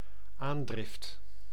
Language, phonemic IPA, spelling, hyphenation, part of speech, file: Dutch, /ˈaːn.drɪft/, aandrift, aan‧drift, noun, Nl-aandrift.ogg
- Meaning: 1. the force with which something is being driven; an impulse 2. the drive to act, especially by an inner feeling; an urge